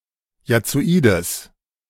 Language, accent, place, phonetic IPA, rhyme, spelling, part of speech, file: German, Germany, Berlin, [jat͡soˈiːdəs], -iːdəs, jazzoides, adjective, De-jazzoides.ogg
- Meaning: strong/mixed nominative/accusative neuter singular of jazzoid